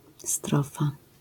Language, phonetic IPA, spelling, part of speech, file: Polish, [ˈstrɔfa], strofa, noun, LL-Q809 (pol)-strofa.wav